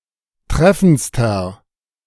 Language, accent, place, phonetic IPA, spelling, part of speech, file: German, Germany, Berlin, [ˈtʁɛfn̩t͡stɐ], treffendster, adjective, De-treffendster.ogg
- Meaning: inflection of treffend: 1. strong/mixed nominative masculine singular superlative degree 2. strong genitive/dative feminine singular superlative degree 3. strong genitive plural superlative degree